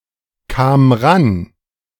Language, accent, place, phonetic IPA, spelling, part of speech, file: German, Germany, Berlin, [ˌkaːm ˈʁan], kam ran, verb, De-kam ran.ogg
- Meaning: first/third-person singular preterite of rankommen